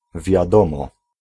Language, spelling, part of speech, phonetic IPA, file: Polish, wiadomo, verb, [vʲjaˈdɔ̃mɔ], Pl-wiadomo.ogg